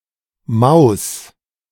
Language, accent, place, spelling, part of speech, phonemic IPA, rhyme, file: German, Germany, Berlin, Maus, noun, /maʊ̯s/, -aʊ̯s, De-Maus2.ogg
- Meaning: 1. mouse (animal) 2. mouse (input device) 3. sweetheart, babe (likable or attractive person, especially a girl or woman since Maus is a feminine word)